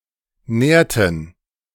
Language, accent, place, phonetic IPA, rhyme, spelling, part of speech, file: German, Germany, Berlin, [ˈnɛːɐ̯tn̩], -ɛːɐ̯tn̩, nährten, verb, De-nährten.ogg
- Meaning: inflection of nähren: 1. first/third-person plural preterite 2. first/third-person plural subjunctive II